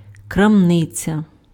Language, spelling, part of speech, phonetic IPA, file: Ukrainian, крамниця, noun, [krɐmˈnɪt͡sʲɐ], Uk-крамниця.ogg
- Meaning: shop, store (establishment that sells goods)